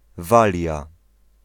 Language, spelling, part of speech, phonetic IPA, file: Polish, Walia, proper noun, [ˈvalʲja], Pl-Walia.ogg